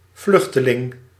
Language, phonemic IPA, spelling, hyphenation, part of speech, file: Dutch, /ˈvlʏx.tə.lɪŋ/, vluchteling, vluch‧te‧ling, noun, Nl-vluchteling.ogg
- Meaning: 1. refugee 2. fugitive